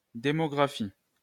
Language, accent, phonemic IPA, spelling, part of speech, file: French, France, /de.mɔ.ɡʁa.fi/, démographie, noun, LL-Q150 (fra)-démographie.wav
- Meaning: demography